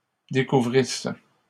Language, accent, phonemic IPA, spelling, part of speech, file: French, Canada, /de.ku.vʁis/, découvrisses, verb, LL-Q150 (fra)-découvrisses.wav
- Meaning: second-person singular imperfect subjunctive of découvrir